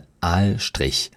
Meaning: dorsal stripe
- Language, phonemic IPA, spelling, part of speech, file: German, /ˈaːlˌʃtʁɪç/, Aalstrich, noun, De-Aalstrich.ogg